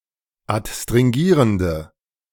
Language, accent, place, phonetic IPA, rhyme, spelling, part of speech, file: German, Germany, Berlin, [atstʁɪŋˈɡiːʁəndə], -iːʁəndə, adstringierende, adjective, De-adstringierende.ogg
- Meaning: inflection of adstringierend: 1. strong/mixed nominative/accusative feminine singular 2. strong nominative/accusative plural 3. weak nominative all-gender singular